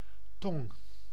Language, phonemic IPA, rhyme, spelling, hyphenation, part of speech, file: Dutch, /tɔŋ/, -ɔŋ, tong, tong, noun, Nl-tong.ogg
- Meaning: 1. tongue 2. sole (Solea solea)